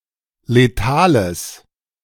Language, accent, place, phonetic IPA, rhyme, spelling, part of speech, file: German, Germany, Berlin, [leˈtaːləs], -aːləs, letales, adjective, De-letales.ogg
- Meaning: strong/mixed nominative/accusative neuter singular of letal